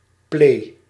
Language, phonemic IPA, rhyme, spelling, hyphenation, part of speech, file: Dutch, /pleː/, -eː, plee, plee, noun, Nl-plee.ogg
- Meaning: loo, john, bathroom